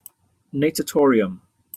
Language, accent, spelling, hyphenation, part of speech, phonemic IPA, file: English, Received Pronunciation, natatorium, na‧ta‧tor‧i‧um, noun, /neɪtəˈtɔːɹɪəm/, En-uk-natatorium.opus
- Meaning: A swimming pool, especially an indoor one; a building housing one or more swimming pools